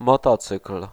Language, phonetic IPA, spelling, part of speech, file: Polish, [mɔˈtɔt͡sɨkl̥], motocykl, noun, Pl-motocykl.ogg